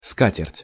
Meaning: tablecloth (a cloth used to cover and protect a table, especially for a dining table)
- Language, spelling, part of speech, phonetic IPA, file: Russian, скатерть, noun, [ˈskatʲɪrtʲ], Ru-скатерть.ogg